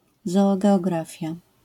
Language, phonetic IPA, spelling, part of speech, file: Polish, [ˌzɔːɡɛɔˈɡrafʲja], zoogeografia, noun, LL-Q809 (pol)-zoogeografia.wav